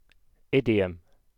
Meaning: A manner of speaking, a mode of expression peculiar to a language, language family, or group of people
- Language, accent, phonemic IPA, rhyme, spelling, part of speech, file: English, UK, /ˈɪdiəm/, -iəm, idiom, noun, En-uk-idiom.ogg